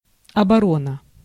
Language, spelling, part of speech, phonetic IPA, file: Russian, оборона, noun, [ɐbɐˈronə], Ru-оборона.ogg
- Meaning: defence, defense